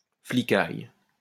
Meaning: cops; pigs; the fuzz (the police)
- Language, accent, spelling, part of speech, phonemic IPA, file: French, France, flicaille, noun, /fli.kaj/, LL-Q150 (fra)-flicaille.wav